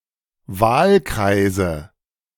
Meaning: nominative/accusative/genitive plural of Wahlkreis
- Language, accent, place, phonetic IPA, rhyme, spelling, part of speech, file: German, Germany, Berlin, [ˈvaːlˌkʁaɪ̯zə], -aːlkʁaɪ̯zə, Wahlkreise, noun, De-Wahlkreise.ogg